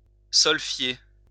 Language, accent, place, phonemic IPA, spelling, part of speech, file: French, France, Lyon, /sɔl.fje/, solfier, verb, LL-Q150 (fra)-solfier.wav
- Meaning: (singing) to sing using the sol-fa system